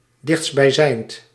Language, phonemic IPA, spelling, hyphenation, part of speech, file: Dutch, /ˌdɪxts(t).bɛi̯ˈzɛi̯nt/, dichtstbijzijnd, dichtst‧bij‧zijnd, adjective, Nl-dichtstbijzijnd.ogg
- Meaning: closest, nearest